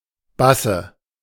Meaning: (proper noun) a surname; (noun) dative singular of Bass
- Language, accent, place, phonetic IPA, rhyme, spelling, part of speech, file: German, Germany, Berlin, [ˈbasə], -asə, Basse, noun, De-Basse.ogg